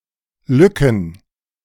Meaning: plural of Lücke
- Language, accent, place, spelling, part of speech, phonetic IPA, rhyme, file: German, Germany, Berlin, Lücken, noun, [ˈlʏkn̩], -ʏkn̩, De-Lücken.ogg